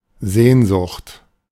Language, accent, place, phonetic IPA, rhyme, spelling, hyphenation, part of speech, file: German, Germany, Berlin, [ˈzeːnˌzʊχt], -ʊχt, Sehnsucht, Sehn‧sucht, noun, De-Sehnsucht.ogg
- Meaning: yearning, longing; pining